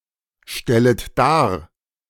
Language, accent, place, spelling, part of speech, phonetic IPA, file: German, Germany, Berlin, stellet dar, verb, [ˌʃtɛlət ˈdaːɐ̯], De-stellet dar.ogg
- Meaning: second-person plural subjunctive I of darstellen